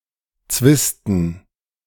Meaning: dative plural of Zwist
- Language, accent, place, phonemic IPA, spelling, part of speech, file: German, Germany, Berlin, /ˈt͡svɪstn̩/, Zwisten, noun, De-Zwisten.ogg